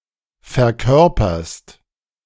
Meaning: second-person singular present of verkörpern
- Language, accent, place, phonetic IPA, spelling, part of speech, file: German, Germany, Berlin, [fɛɐ̯ˈkœʁpɐst], verkörperst, verb, De-verkörperst.ogg